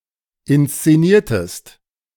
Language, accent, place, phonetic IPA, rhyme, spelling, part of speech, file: German, Germany, Berlin, [ɪnst͡seˈniːɐ̯təst], -iːɐ̯təst, inszeniertest, verb, De-inszeniertest.ogg
- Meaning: inflection of inszenieren: 1. second-person singular preterite 2. second-person singular subjunctive II